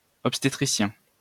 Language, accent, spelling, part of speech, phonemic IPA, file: French, France, obstétricien, noun, /ɔp.ste.tʁi.sjɛ̃/, LL-Q150 (fra)-obstétricien.wav
- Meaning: obstetrician